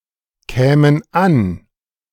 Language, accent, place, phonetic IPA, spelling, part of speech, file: German, Germany, Berlin, [ˌkɛːmən ˈan], kämen an, verb, De-kämen an.ogg
- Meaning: first/third-person plural subjunctive II of ankommen